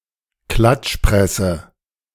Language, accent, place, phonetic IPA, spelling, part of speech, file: German, Germany, Berlin, [ˈklat͡ʃˌpʁɛsə], Klatschpresse, noun, De-Klatschpresse.ogg
- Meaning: yellow press